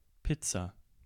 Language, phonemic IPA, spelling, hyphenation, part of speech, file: German, /ˈpɪtsa/, Pizza, Piz‧za, noun, De-Pizza2.ogg
- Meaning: pizza